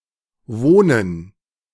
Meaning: gerund of wohnen
- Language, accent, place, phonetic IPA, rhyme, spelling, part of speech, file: German, Germany, Berlin, [ˈvoːnən], -oːnən, Wohnen, noun, De-Wohnen.ogg